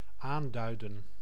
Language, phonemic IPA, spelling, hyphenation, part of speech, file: Dutch, /ˈaːndœy̯də(n)/, aanduiden, aan‧dui‧den, verb, Nl-aanduiden.ogg
- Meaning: 1. to indicate, to mark, to point out 2. to express, to put into words